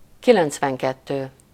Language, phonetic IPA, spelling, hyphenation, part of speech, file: Hungarian, [ˈkilɛnt͡svɛŋkɛtːøː], kilencvenkettő, ki‧lenc‧ven‧ket‧tő, numeral, Hu-kilencvenkettő.ogg
- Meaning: ninety-two